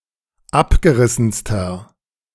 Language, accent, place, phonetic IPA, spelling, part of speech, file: German, Germany, Berlin, [ˈapɡəˌʁɪsn̩stɐ], abgerissenster, adjective, De-abgerissenster.ogg
- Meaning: inflection of abgerissen: 1. strong/mixed nominative masculine singular superlative degree 2. strong genitive/dative feminine singular superlative degree 3. strong genitive plural superlative degree